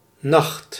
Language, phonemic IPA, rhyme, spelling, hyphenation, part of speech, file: Dutch, /nɑxt/, -ɑxt, nacht, nacht, noun, Nl-nacht.ogg
- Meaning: night